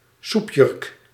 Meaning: a loose-fitting dress, often considered inelegant; occasionally used as a disparaging term for robes that are not dresses, such as cassocks or djellabas
- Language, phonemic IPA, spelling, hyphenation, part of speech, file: Dutch, /ˈsup.jʏrk/, soepjurk, soep‧jurk, noun, Nl-soepjurk.ogg